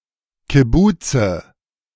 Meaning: nominative/accusative/genitive plural of Kibbuz
- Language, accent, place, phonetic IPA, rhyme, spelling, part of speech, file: German, Germany, Berlin, [kɪˈbuːt͡sə], -uːt͡sə, Kibbuze, noun, De-Kibbuze.ogg